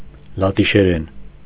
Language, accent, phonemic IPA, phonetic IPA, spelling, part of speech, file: Armenian, Eastern Armenian, /lɑtiʃeˈɾen/, [lɑtiʃeɾén], լատիշերեն, noun / adverb / adjective, Hy-լատիշերեն.ogg
- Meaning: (noun) Latvian (language); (adverb) in Latvian; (adjective) Latvian (of or pertaining to the language)